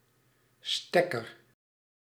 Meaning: 1. plug (e.g. electrical) 2. jack (e.g. telephone jack)
- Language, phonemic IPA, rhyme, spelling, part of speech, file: Dutch, /ˈstɛkər/, -ɛkər, stekker, noun, Nl-stekker.ogg